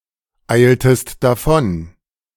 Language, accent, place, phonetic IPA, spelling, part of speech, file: German, Germany, Berlin, [ˌaɪ̯ltəst daˈfɔn], eiltest davon, verb, De-eiltest davon.ogg
- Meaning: inflection of davoneilen: 1. second-person singular preterite 2. second-person singular subjunctive II